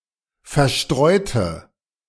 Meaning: inflection of verstreuen: 1. first/third-person singular preterite 2. first/third-person singular subjunctive II
- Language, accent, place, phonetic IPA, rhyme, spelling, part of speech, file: German, Germany, Berlin, [fɛɐ̯ˈʃtʁɔɪ̯tə], -ɔɪ̯tə, verstreute, adjective / verb, De-verstreute.ogg